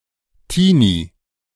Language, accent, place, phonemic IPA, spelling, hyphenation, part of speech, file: German, Germany, Berlin, /ˈtiːni/, Teenie, Tee‧nie, noun, De-Teenie.ogg
- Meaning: teenager